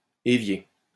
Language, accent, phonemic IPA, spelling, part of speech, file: French, France, /e.vje/, évier, noun, LL-Q150 (fra)-évier.wav
- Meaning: sink, basin